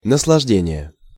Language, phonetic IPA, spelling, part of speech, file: Russian, [nəsɫɐʐˈdʲenʲɪje], наслаждение, noun, Ru-наслаждение.ogg
- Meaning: 1. pleasure, enjoyment, delight 2. treat, feast 3. gratification 4. luxury 5. fruition, delectation